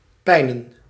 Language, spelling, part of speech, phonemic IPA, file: Dutch, pijnen, verb / noun / adjective, /ˈpɛinə(n)/, Nl-pijnen.ogg
- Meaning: plural of pijn